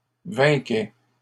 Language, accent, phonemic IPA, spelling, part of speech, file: French, Canada, /vɛ̃.kɛ/, vainquaient, verb, LL-Q150 (fra)-vainquaient.wav
- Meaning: third-person plural imperfect indicative of vaincre